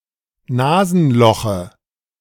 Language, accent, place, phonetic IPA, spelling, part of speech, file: German, Germany, Berlin, [ˈnaːzn̩ˌlɔxə], Nasenloche, noun, De-Nasenloche.ogg
- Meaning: dative of Nasenloch